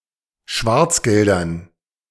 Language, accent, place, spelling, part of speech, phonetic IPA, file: German, Germany, Berlin, Schwarzgeldern, noun, [ˈʃvaʁt͡sˌɡɛldɐn], De-Schwarzgeldern.ogg
- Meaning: dative plural of Schwarzgeld